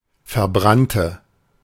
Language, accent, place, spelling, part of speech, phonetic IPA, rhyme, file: German, Germany, Berlin, verbrannte, adjective / verb, [fɛɐ̯ˈbʁantə], -antə, De-verbrannte.ogg
- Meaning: inflection of verbrannt: 1. strong/mixed nominative/accusative feminine singular 2. strong nominative/accusative plural 3. weak nominative all-gender singular